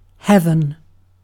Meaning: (noun) The sky, specifically: The distant sky in which the sun, moon, and stars appear or move; the firmament; the celestial spheres
- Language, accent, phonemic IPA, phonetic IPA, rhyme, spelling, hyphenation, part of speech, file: English, Received Pronunciation, /ˈhɛvən/, [ˈhɛvn̩], -ɛvən, heaven, heav‧en, noun / verb / adjective, En-uk-heaven.ogg